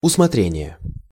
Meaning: discretion, judgement
- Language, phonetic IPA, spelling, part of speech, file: Russian, [ʊsmɐˈtrʲenʲɪje], усмотрение, noun, Ru-усмотрение.ogg